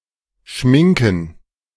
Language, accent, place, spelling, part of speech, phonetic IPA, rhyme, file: German, Germany, Berlin, Schminken, noun, [ˈʃmɪŋkn̩], -ɪŋkn̩, De-Schminken.ogg
- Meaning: plural of Schminke